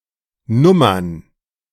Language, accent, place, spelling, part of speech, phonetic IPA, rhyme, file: German, Germany, Berlin, Nummern, noun, [ˈnʊmɐn], -ʊmɐn, De-Nummern.ogg
- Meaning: plural of Nummer